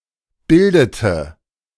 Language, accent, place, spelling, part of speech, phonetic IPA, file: German, Germany, Berlin, bildete, verb, [ˈbɪldətə], De-bildete.ogg
- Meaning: inflection of bilden: 1. first/third-person singular preterite 2. first/third-person singular subjunctive II